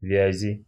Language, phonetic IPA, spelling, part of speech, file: Russian, [ˈvʲæzʲɪ], вязи, noun, Ru-вязи.ogg
- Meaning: inflection of вязь (vjazʹ): 1. genitive/dative/prepositional singular 2. nominative/accusative plural